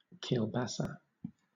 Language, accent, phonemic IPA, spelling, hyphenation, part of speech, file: English, Southern England, /kiːlˈbasə/, kielbasa, kiel‧ba‧sa, noun, LL-Q1860 (eng)-kielbasa.wav
- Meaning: 1. A spicy, smoked sausage of a particular kind from Eastern Europe 2. Penis